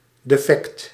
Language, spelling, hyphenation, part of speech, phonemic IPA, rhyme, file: Dutch, defect, de‧fect, adjective / noun, /deːˈfɛkt/, -ɛkt, Nl-defect.ogg
- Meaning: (adjective) broken, not working; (noun) a defect